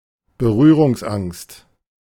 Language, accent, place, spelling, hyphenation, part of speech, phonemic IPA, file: German, Germany, Berlin, Berührungsangst, Be‧rüh‧rungs‧angst, noun, /bəˈʁyːʁʊŋsˌʔaŋst/, De-Berührungsangst.ogg
- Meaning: inhibition, scruple, demur, qualm, aversion, reservation (the fear of getting in contact with a person, topic, etc.)